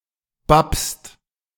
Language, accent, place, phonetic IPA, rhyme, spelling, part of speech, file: German, Germany, Berlin, [bapst], -apst, bappst, verb, De-bappst.ogg
- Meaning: second-person singular present of bappen